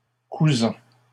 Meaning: present participle of coudre
- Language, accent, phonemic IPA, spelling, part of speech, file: French, Canada, /ku.zɑ̃/, cousant, verb, LL-Q150 (fra)-cousant.wav